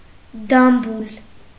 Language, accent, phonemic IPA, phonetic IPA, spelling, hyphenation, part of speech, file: Armenian, Eastern Armenian, /dɑmbɑˈɾɑn/, [dɑmbɑɾɑ́n], դամբարան, դամ‧բա‧րան, noun, Hy-դամբարան.ogg
- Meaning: 1. tomb 2. sepulcher 3. mausoleum